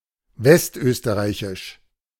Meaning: West Austrian
- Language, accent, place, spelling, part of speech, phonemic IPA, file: German, Germany, Berlin, westösterreichisch, adjective, /ˈvɛstˌʔøːstəʁaɪ̯çɪʃ/, De-westösterreichisch.ogg